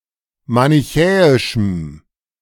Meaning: strong dative masculine/neuter singular of manichäisch
- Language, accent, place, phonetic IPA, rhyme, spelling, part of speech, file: German, Germany, Berlin, [manɪˈçɛːɪʃm̩], -ɛːɪʃm̩, manichäischem, adjective, De-manichäischem.ogg